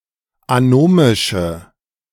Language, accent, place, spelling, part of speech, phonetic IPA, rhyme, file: German, Germany, Berlin, anomische, adjective, [aˈnoːmɪʃə], -oːmɪʃə, De-anomische.ogg
- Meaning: inflection of anomisch: 1. strong/mixed nominative/accusative feminine singular 2. strong nominative/accusative plural 3. weak nominative all-gender singular